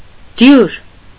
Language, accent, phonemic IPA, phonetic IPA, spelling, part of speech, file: Armenian, Eastern Armenian, /djuɾ/, [djuɾ], դյուր, adjective, Hy-դյուր.ogg
- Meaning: 1. easy 2. alternative form of դուր (dur)